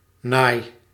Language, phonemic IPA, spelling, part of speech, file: Dutch, /naj/, naai, verb, Nl-naai.ogg
- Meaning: inflection of naaien: 1. first-person singular present indicative 2. second-person singular present indicative 3. imperative